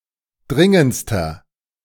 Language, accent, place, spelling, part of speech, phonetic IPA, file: German, Germany, Berlin, dringendster, adjective, [ˈdʁɪŋənt͡stɐ], De-dringendster.ogg
- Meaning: inflection of dringend: 1. strong/mixed nominative masculine singular superlative degree 2. strong genitive/dative feminine singular superlative degree 3. strong genitive plural superlative degree